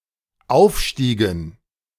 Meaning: dative plural of Aufstieg
- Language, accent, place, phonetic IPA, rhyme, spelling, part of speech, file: German, Germany, Berlin, [ˈaʊ̯fˌʃtiːɡn̩], -aʊ̯fʃtiːɡn̩, Aufstiegen, noun, De-Aufstiegen.ogg